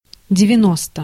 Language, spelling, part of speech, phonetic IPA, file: Russian, девяносто, numeral, [dʲɪvʲɪˈnostə], Ru-девяносто.ogg
- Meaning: ninety (90)